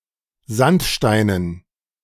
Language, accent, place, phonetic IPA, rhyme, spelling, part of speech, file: German, Germany, Berlin, [ˈzantˌʃtaɪ̯nən], -antʃtaɪ̯nən, Sandsteinen, noun, De-Sandsteinen.ogg
- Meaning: dative plural of Sandstein